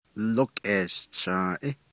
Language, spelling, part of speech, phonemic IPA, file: Navajo, lókʼeeshchąąʼí, noun, /lókʼèːʃt͡ʃʰɑ̃̀ːʔɪ́/, Nv-lókʼeeshchąąʼí.ogg
- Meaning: baby (of the family), lastborn to a family